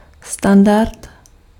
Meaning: standard
- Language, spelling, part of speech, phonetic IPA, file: Czech, standard, noun, [ˈstandart], Cs-standard.ogg